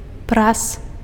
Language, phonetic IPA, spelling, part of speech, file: Belarusian, [pras], прас, noun, Be-прас.ogg
- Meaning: clothes iron (a hand-held device with a heated flat metal base used to smooth out wrinkles in clothes)